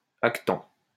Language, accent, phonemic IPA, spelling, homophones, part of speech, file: French, France, /ak.tɑ̃/, actant, actants, noun, LL-Q150 (fra)-actant.wav
- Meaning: actant